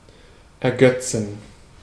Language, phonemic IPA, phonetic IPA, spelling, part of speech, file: German, /ɛʁˈɡœtsən/, [ʔɛɐ̯ˈɡœt͡sn̩], ergötzen, verb, De-ergötzen.ogg
- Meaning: 1. to delight, amuse, gladden 2. to cherish, to be amused (by), to gloat (over) 3. to compensate